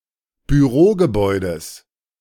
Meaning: genitive singular of Bürogebäude
- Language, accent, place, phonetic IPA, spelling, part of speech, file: German, Germany, Berlin, [byˈʁoːɡəˌbɔɪ̯dəs], Bürogebäudes, noun, De-Bürogebäudes.ogg